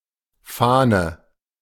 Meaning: 1. flag, banner (any cloth or fabric used as a symbol) 2. idea, ideal 3. the noticeable smell of alcohol on one's breath 4. galley proof 5. vane (flattened, web-like part of a feather)
- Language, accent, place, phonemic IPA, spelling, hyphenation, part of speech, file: German, Germany, Berlin, /ˈfaːnə/, Fahne, Fah‧ne, noun, De-Fahne.ogg